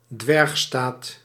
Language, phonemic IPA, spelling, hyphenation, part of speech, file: Dutch, /ˈdʋɛrx.staːt/, dwergstaat, dwerg‧staat, noun, Nl-dwergstaat.ogg
- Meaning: microstate